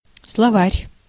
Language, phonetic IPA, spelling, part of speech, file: Russian, [sɫɐˈvarʲ], словарь, noun, Ru-словарь.ogg
- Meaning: 1. dictionary, wordbook 2. vocabulary, glossary 3. lexicon